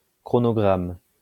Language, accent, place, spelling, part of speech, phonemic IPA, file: French, France, Lyon, chronogramme, noun, /kʁɔ.nɔ.ɡʁam/, LL-Q150 (fra)-chronogramme.wav
- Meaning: chronogram (all senses)